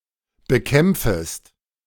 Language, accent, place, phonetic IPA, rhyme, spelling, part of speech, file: German, Germany, Berlin, [bəˈkɛmp͡fəst], -ɛmp͡fəst, bekämpfest, verb, De-bekämpfest.ogg
- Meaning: second-person singular subjunctive I of bekämpfen